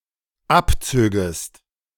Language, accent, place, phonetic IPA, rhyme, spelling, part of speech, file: German, Germany, Berlin, [ˈapˌt͡søːɡəst], -apt͡søːɡəst, abzögest, verb, De-abzögest.ogg
- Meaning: second-person singular dependent subjunctive II of abziehen